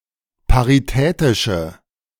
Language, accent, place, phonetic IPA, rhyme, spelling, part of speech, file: German, Germany, Berlin, [paʁiˈtɛːtɪʃə], -ɛːtɪʃə, paritätische, adjective, De-paritätische.ogg
- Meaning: inflection of paritätisch: 1. strong/mixed nominative/accusative feminine singular 2. strong nominative/accusative plural 3. weak nominative all-gender singular